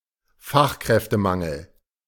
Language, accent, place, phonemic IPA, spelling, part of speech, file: German, Germany, Berlin, /ˈfaxkʁɛftəˌmaŋl̩/, Fachkräftemangel, noun, De-Fachkräftemangel.ogg
- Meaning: skills shortage